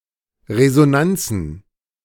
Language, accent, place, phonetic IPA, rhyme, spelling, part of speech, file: German, Germany, Berlin, [ʁezoˈnant͡sn̩], -ant͡sn̩, Resonanzen, noun, De-Resonanzen.ogg
- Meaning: plural of Resonanz